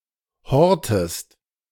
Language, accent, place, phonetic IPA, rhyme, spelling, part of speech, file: German, Germany, Berlin, [ˈhɔʁtəst], -ɔʁtəst, hortest, verb, De-hortest.ogg
- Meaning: inflection of horten: 1. second-person singular present 2. second-person singular subjunctive I